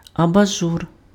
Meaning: lampshade (cover over a lamp)
- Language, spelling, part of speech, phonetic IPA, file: Ukrainian, абажур, noun, [ɐbɐˈʒur], Uk-абажур.ogg